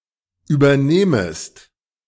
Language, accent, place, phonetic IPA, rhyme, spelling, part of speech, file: German, Germany, Berlin, [yːbɐˈneːməst], -eːməst, übernehmest, verb, De-übernehmest.ogg
- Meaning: second-person singular subjunctive I of übernehmen